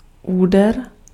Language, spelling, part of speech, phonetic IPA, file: Czech, úder, noun, [ˈuːdɛr], Cs-úder.ogg
- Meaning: hit, blow, stroke